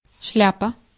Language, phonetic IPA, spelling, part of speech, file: Russian, [ˈʂlʲapə], шляпа, noun, Ru-шляпа.ogg
- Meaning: 1. brimmed hat 2. milksop, scatterbrain (an ineffectual person) 3. a predicament, a real fix (an unpleasant and difficult situation)